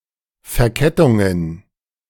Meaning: plural of Verkettung
- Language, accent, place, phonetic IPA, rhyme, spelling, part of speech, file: German, Germany, Berlin, [fɛɐ̯ˈkɛtʊŋən], -ɛtʊŋən, Verkettungen, noun, De-Verkettungen.ogg